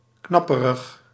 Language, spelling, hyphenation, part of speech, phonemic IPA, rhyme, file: Dutch, knapperig, knap‧pe‧rig, adjective, /ˈknɑ.pə.rəx/, -ɑpərəx, Nl-knapperig.ogg
- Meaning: crispy